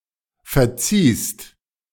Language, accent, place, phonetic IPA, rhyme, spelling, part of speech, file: German, Germany, Berlin, [fɛɐ̯ˈt͡siːst], -iːst, verziehst, verb, De-verziehst.ogg
- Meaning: 1. second-person singular preterite of verzeihen 2. second-person singular present of verziehen